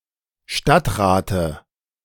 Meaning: dative of Stadtrat
- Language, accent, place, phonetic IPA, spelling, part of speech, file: German, Germany, Berlin, [ˈʃtatʁaːtə], Stadtrate, noun, De-Stadtrate.ogg